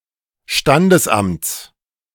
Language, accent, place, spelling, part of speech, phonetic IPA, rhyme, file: German, Germany, Berlin, Standesamts, noun, [ˈʃtandəsˌʔamt͡s], -andəsʔamt͡s, De-Standesamts.ogg
- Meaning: genitive singular of Standesamt